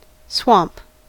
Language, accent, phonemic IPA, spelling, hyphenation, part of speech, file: English, US, /ˈswɑmp/, swamp, swamp, noun / verb, En-us-swamp.ogg